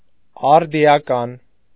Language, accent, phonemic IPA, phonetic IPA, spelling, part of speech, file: Armenian, Eastern Armenian, /ɑɾdiɑˈkɑn/, [ɑɾdi(j)ɑkɑ́n], արդիական, adjective, Hy-արդիական.ogg
- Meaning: 1. modern, contemporary 2. relevant, topical, of current importance